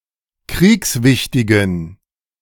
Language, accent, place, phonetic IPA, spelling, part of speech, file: German, Germany, Berlin, [ˈkʁiːksˌvɪçtɪɡn̩], kriegswichtigen, adjective, De-kriegswichtigen.ogg
- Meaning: inflection of kriegswichtig: 1. strong genitive masculine/neuter singular 2. weak/mixed genitive/dative all-gender singular 3. strong/weak/mixed accusative masculine singular 4. strong dative plural